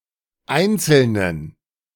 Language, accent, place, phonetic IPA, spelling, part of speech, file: German, Germany, Berlin, [ˈaɪ̯nt͡sl̩nən], Einzelnen, noun, De-Einzelnen.ogg
- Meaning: genitive of Einzelner